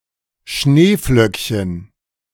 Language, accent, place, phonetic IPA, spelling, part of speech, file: German, Germany, Berlin, [ˈʃneːˌflœkçən], Schneeflöckchen, noun, De-Schneeflöckchen.ogg
- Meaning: diminutive of Schneeflocke